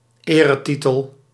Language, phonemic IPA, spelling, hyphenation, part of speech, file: Dutch, /ˈeː.rəˌti.təl/, eretitel, ere‧ti‧tel, noun, Nl-eretitel.ogg
- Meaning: honorary title